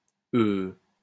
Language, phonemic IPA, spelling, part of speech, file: French, /ø/, heu, noun, LL-Q150 (fra)-heu.wav
- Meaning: hoy (small coaster vessel)